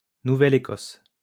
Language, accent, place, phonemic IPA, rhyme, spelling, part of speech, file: French, France, Lyon, /nu.vɛ.l‿e.kɔs/, -ɔs, Nouvelle-Écosse, proper noun, LL-Q150 (fra)-Nouvelle-Écosse.wav
- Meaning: 1. Nova Scotia (a province in eastern Canada) 2. Nova Scotia, Nova Scotia peninsula (a peninsula on the coast of the Atlantic, comprising most of the province of Nova Scotia; Nova Scotia peninsula)